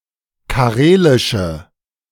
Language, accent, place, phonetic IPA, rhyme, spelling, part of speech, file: German, Germany, Berlin, [kaˈʁeːlɪʃə], -eːlɪʃə, karelische, adjective, De-karelische.ogg
- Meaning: inflection of karelisch: 1. strong/mixed nominative/accusative feminine singular 2. strong nominative/accusative plural 3. weak nominative all-gender singular